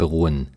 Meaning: 1. to consist 2. to depend 3. to be based
- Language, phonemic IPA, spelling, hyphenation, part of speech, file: German, /bəˈʁuːən/, beruhen, be‧ru‧hen, verb, De-beruhen.ogg